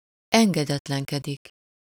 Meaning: to disobey
- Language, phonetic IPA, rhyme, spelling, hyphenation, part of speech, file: Hungarian, [ˈɛŋɡɛdɛtlɛŋkɛdik], -ɛdik, engedetlenkedik, en‧ge‧det‧len‧ke‧dik, verb, Hu-engedetlenkedik.ogg